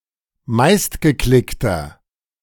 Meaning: inflection of meistgeklickt: 1. strong/mixed nominative masculine singular 2. strong genitive/dative feminine singular 3. strong genitive plural
- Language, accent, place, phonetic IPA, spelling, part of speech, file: German, Germany, Berlin, [ˈmaɪ̯stɡəˌklɪktɐ], meistgeklickter, adjective, De-meistgeklickter.ogg